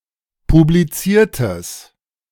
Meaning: strong/mixed nominative/accusative neuter singular of publiziert
- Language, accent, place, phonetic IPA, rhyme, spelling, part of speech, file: German, Germany, Berlin, [publiˈt͡siːɐ̯təs], -iːɐ̯təs, publiziertes, adjective, De-publiziertes.ogg